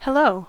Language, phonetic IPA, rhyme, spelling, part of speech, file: English, [həˈləʊ], -əʊ, hello, phrase, En-us-hello.ogg